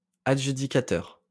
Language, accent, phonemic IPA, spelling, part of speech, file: French, France, /a.dʒy.di.ka.tœʁ/, adjudicateur, noun, LL-Q150 (fra)-adjudicateur.wav
- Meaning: 1. seller (at an auction) 2. awarder (of a contract) 3. adjudicator